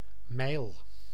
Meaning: 1. English or American mile, a unit of length equivalent to about 1.6 km 2. mijl, Dutch mile or league, a unit of length notionally equivalent to an hour's walk, usually reckoned as about 5–6 km
- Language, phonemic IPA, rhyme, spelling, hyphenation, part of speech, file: Dutch, /mɛi̯l/, -ɛi̯l, mijl, mijl, noun, Nl-mijl.ogg